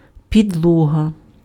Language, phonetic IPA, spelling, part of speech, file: Ukrainian, [pʲidˈɫɔɦɐ], підлога, noun, Uk-підлога.ogg
- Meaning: floor (bottom or lower part of any room)